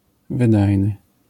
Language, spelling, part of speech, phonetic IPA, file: Polish, wydajny, adjective, [vɨdajnɨ], LL-Q809 (pol)-wydajny.wav